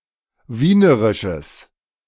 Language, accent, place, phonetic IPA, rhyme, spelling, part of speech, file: German, Germany, Berlin, [ˈviːnəʁɪʃəs], -iːnəʁɪʃəs, wienerisches, adjective, De-wienerisches.ogg
- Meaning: strong/mixed nominative/accusative neuter singular of wienerisch